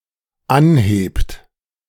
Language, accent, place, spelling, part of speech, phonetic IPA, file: German, Germany, Berlin, anhebt, verb, [ˈanˌheːpt], De-anhebt.ogg
- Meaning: inflection of anheben: 1. third-person singular dependent present 2. second-person plural dependent present